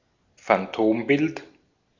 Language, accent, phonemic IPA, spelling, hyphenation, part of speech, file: German, Austria, /fanˈtoːmˌbɪlt/, Phantombild, Phan‧tom‧bild, noun, De-at-Phantombild.ogg
- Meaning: identikit